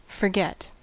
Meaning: 1. To lose remembrance of 2. To unintentionally not do, neglect 3. To unintentionally leave something behind 4. To cease remembering
- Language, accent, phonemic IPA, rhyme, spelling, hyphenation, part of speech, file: English, General American, /fɚˈɡɛt/, -ɛt, forget, for‧get, verb, En-us-forget.ogg